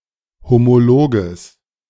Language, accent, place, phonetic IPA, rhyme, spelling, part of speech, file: German, Germany, Berlin, [ˌhomoˈloːɡəs], -oːɡəs, homologes, adjective, De-homologes.ogg
- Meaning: strong/mixed nominative/accusative neuter singular of homolog